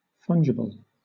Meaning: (adjective) Able to be substituted for something of equal value or utility; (noun) Any fungible item
- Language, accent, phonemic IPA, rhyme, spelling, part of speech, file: English, Southern England, /ˈfʌndʒɪbəl/, -ɪbəl, fungible, adjective / noun, LL-Q1860 (eng)-fungible.wav